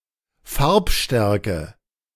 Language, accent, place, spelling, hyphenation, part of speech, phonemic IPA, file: German, Germany, Berlin, Farbstärke, Farb‧stär‧ke, noun, /ˈfaʁpˌʃtɛrkə/, De-Farbstärke.ogg
- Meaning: 1. colour strength, tinctorial strength (property of an ink or a dye that describes the ability of its colorant to impart a particular color) 2. colour intensity